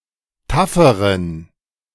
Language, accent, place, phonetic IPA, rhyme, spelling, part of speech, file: German, Germany, Berlin, [ˈtafəʁən], -afəʁən, tafferen, adjective, De-tafferen.ogg
- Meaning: inflection of taff: 1. strong genitive masculine/neuter singular comparative degree 2. weak/mixed genitive/dative all-gender singular comparative degree